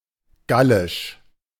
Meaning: Gaulish (the language of Gaul)
- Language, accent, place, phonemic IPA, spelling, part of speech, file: German, Germany, Berlin, /ˈɡalɪʃ/, Gallisch, proper noun, De-Gallisch.ogg